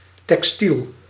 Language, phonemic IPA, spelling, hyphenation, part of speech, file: Dutch, /tɛkˈstil/, textiel, tex‧tiel, adjective / noun, Nl-textiel.ogg
- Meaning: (adjective) made of, or relating to, textile; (noun) textile